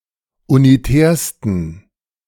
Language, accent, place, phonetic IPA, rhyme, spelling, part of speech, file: German, Germany, Berlin, [uniˈtɛːɐ̯stn̩], -ɛːɐ̯stn̩, unitärsten, adjective, De-unitärsten.ogg
- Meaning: 1. superlative degree of unitär 2. inflection of unitär: strong genitive masculine/neuter singular superlative degree